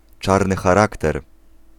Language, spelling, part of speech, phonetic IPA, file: Polish, czarny charakter, phrase, [ˈt͡ʃarnɨ xaˈraktɛr], Pl-czarny charakter.ogg